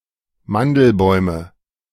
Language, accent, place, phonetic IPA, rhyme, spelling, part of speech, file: German, Germany, Berlin, [ˈmandl̩ˌbɔɪ̯mə], -andl̩bɔɪ̯mə, Mandelbäume, noun, De-Mandelbäume.ogg
- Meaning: nominative/accusative/genitive plural of Mandelbaum